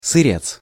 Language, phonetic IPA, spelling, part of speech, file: Russian, [sɨˈrʲet͡s], сырец, noun, Ru-сырец.ogg
- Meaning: semi-processed food or material